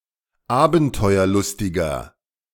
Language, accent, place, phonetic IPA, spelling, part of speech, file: German, Germany, Berlin, [ˈaːbn̩tɔɪ̯ɐˌlʊstɪɡɐ], abenteuerlustiger, adjective, De-abenteuerlustiger.ogg
- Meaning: 1. comparative degree of abenteuerlustig 2. inflection of abenteuerlustig: strong/mixed nominative masculine singular 3. inflection of abenteuerlustig: strong genitive/dative feminine singular